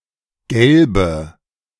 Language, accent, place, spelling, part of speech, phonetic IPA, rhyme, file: German, Germany, Berlin, gelbe, adjective, [ˈɡɛlbə], -ɛlbə, De-gelbe.ogg
- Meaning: inflection of gelb: 1. strong/mixed nominative/accusative feminine singular 2. strong nominative/accusative plural 3. weak nominative all-gender singular 4. weak accusative feminine/neuter singular